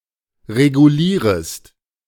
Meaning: second-person singular subjunctive I of regulieren
- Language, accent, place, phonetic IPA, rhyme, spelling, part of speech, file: German, Germany, Berlin, [ʁeɡuˈliːʁəst], -iːʁəst, regulierest, verb, De-regulierest.ogg